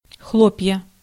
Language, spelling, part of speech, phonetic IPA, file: Russian, хлопья, noun, [ˈxɫop⁽ʲ⁾jə], Ru-хлопья.ogg
- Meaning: 1. flakes (soft, loose material composed of small, flattened individual pieces) 2. puffs, tufts, wisps (of clouds, smoke, etc.) 3. inflection of хло́пье (xlópʹje): nominative/accusative plural